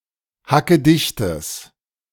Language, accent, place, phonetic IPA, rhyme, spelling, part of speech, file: German, Germany, Berlin, [hakəˈdɪçtəs], -ɪçtəs, hackedichtes, adjective, De-hackedichtes.ogg
- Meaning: strong/mixed nominative/accusative neuter singular of hackedicht